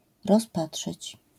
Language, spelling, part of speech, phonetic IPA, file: Polish, rozpatrzyć, verb, [rɔsˈpaṭʃɨt͡ɕ], LL-Q809 (pol)-rozpatrzyć.wav